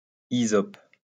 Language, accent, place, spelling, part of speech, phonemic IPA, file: French, France, Lyon, hysope, noun, /i.zɔp/, LL-Q150 (fra)-hysope.wav
- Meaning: hyssop